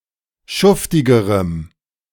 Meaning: strong dative masculine/neuter singular comparative degree of schuftig
- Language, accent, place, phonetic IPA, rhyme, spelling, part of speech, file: German, Germany, Berlin, [ˈʃʊftɪɡəʁəm], -ʊftɪɡəʁəm, schuftigerem, adjective, De-schuftigerem.ogg